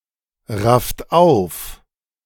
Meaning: inflection of aufraffen: 1. second-person plural present 2. third-person singular present 3. plural imperative
- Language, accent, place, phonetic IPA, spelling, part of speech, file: German, Germany, Berlin, [ˌʁaft ˈaʊ̯f], rafft auf, verb, De-rafft auf.ogg